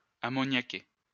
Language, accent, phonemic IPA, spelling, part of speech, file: French, France, /a.mɔ.nja.ke/, ammoniaquer, verb, LL-Q150 (fra)-ammoniaquer.wav
- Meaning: to ammoniate